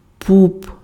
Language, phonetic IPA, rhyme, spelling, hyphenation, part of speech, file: Ukrainian, [pup], -up, пуп, пуп, noun, Uk-пуп.ogg
- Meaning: belly button, navel, umbilicus